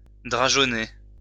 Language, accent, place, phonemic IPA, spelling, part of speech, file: French, France, Lyon, /dʁa.ʒɔ.ne/, drageonner, verb, LL-Q150 (fra)-drageonner.wav
- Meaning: to put forth shoots or suckers